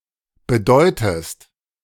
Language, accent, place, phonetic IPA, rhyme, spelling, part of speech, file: German, Germany, Berlin, [bəˈdɔɪ̯təst], -ɔɪ̯təst, bedeutest, verb, De-bedeutest.ogg
- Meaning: inflection of bedeuten: 1. second-person singular present 2. second-person singular subjunctive I